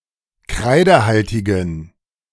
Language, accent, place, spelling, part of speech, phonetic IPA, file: German, Germany, Berlin, kreidehaltigen, adjective, [ˈkʁaɪ̯dəˌhaltɪɡn̩], De-kreidehaltigen.ogg
- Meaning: inflection of kreidehaltig: 1. strong genitive masculine/neuter singular 2. weak/mixed genitive/dative all-gender singular 3. strong/weak/mixed accusative masculine singular 4. strong dative plural